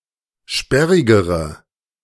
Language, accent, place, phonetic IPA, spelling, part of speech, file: German, Germany, Berlin, [ˈʃpɛʁɪɡəʁə], sperrigere, adjective, De-sperrigere.ogg
- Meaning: inflection of sperrig: 1. strong/mixed nominative/accusative feminine singular comparative degree 2. strong nominative/accusative plural comparative degree